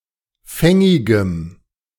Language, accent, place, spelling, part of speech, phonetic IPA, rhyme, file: German, Germany, Berlin, fängigem, adjective, [ˈfɛŋɪɡəm], -ɛŋɪɡəm, De-fängigem.ogg
- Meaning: strong dative masculine/neuter singular of fängig